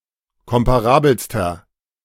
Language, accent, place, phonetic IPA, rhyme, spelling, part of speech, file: German, Germany, Berlin, [ˌkɔmpaˈʁaːbl̩stɐ], -aːbl̩stɐ, komparabelster, adjective, De-komparabelster.ogg
- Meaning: inflection of komparabel: 1. strong/mixed nominative masculine singular superlative degree 2. strong genitive/dative feminine singular superlative degree 3. strong genitive plural superlative degree